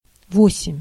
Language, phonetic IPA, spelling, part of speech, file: Russian, [ˈvosʲɪmʲ], восемь, numeral, Ru-восемь.ogg
- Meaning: eight (8)